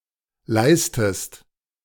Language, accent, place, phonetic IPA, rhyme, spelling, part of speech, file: German, Germany, Berlin, [ˈlaɪ̯stəst], -aɪ̯stəst, leistest, verb, De-leistest.ogg
- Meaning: inflection of leisten: 1. second-person singular present 2. second-person singular subjunctive I